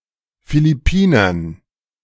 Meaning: dative plural of Philippiner
- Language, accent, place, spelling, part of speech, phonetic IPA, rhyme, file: German, Germany, Berlin, Philippinern, noun, [filɪˈpiːnɐn], -iːnɐn, De-Philippinern.ogg